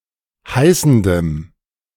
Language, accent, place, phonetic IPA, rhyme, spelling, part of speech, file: German, Germany, Berlin, [ˈhaɪ̯sn̩dəm], -aɪ̯sn̩dəm, heißendem, adjective, De-heißendem.ogg
- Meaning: strong dative masculine/neuter singular of heißend